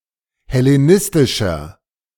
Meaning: 1. comparative degree of hellenistisch 2. inflection of hellenistisch: strong/mixed nominative masculine singular 3. inflection of hellenistisch: strong genitive/dative feminine singular
- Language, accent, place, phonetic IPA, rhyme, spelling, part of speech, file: German, Germany, Berlin, [hɛleˈnɪstɪʃɐ], -ɪstɪʃɐ, hellenistischer, adjective, De-hellenistischer.ogg